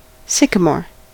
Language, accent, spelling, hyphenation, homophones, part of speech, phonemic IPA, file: English, US, sycamore, syc‧a‧more, sycomore, noun, /ˈsɪkəmoɹ/, En-us-sycamore.ogg
- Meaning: Any of several North American plane trees, of the genus Platanus, especially Platanus occidentalis (American sycamore), distinguished by its mottled bark which flakes off in large irregular masses